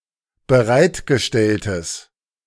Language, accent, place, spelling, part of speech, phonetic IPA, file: German, Germany, Berlin, bereitgestelltes, adjective, [bəˈʁaɪ̯tɡəˌʃtɛltəs], De-bereitgestelltes.ogg
- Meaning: strong/mixed nominative/accusative neuter singular of bereitgestellt